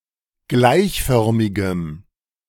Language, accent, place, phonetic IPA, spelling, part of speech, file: German, Germany, Berlin, [ˈɡlaɪ̯çˌfœʁmɪɡəm], gleichförmigem, adjective, De-gleichförmigem.ogg
- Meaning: strong dative masculine/neuter singular of gleichförmig